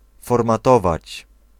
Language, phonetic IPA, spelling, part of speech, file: Polish, [ˌfɔrmaˈtɔvat͡ɕ], formatować, verb, Pl-formatować.ogg